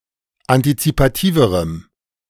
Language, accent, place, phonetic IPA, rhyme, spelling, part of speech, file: German, Germany, Berlin, [antit͡sipaˈtiːvəʁəm], -iːvəʁəm, antizipativerem, adjective, De-antizipativerem.ogg
- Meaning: strong dative masculine/neuter singular comparative degree of antizipativ